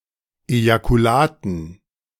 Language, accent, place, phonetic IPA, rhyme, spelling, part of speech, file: German, Germany, Berlin, [ˌejakuˈlaːtn̩], -aːtn̩, Ejakulaten, noun, De-Ejakulaten.ogg
- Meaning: dative plural of Ejakulat